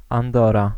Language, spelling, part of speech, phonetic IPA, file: Polish, Andora, proper noun, [ãnˈdɔra], Pl-Andora.ogg